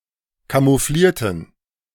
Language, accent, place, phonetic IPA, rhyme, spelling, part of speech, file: German, Germany, Berlin, [kamuˈfliːɐ̯tn̩], -iːɐ̯tn̩, camouflierten, adjective / verb, De-camouflierten.ogg
- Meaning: inflection of camouflieren: 1. first/third-person plural preterite 2. first/third-person plural subjunctive II